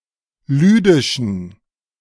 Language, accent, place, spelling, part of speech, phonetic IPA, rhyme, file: German, Germany, Berlin, lüdischen, adjective, [ˈlyːdɪʃn̩], -yːdɪʃn̩, De-lüdischen.ogg
- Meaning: inflection of lüdisch: 1. strong genitive masculine/neuter singular 2. weak/mixed genitive/dative all-gender singular 3. strong/weak/mixed accusative masculine singular 4. strong dative plural